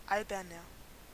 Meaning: 1. comparative degree of albern 2. inflection of albern: strong/mixed nominative masculine singular 3. inflection of albern: strong genitive/dative feminine singular
- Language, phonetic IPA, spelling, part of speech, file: German, [ˈalbɐnɐ], alberner, adjective, De-alberner.ogg